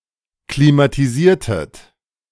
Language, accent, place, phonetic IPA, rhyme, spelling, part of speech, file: German, Germany, Berlin, [klimatiˈziːɐ̯tət], -iːɐ̯tət, klimatisiertet, verb, De-klimatisiertet.ogg
- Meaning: inflection of klimatisieren: 1. second-person plural preterite 2. second-person plural subjunctive II